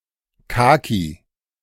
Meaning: 1. kaki, persimmon (fruit) 2. kaki tree
- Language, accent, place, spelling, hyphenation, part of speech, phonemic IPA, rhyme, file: German, Germany, Berlin, Kaki, Ka‧ki, noun, /ˈkaːki/, -aːki, De-Kaki.ogg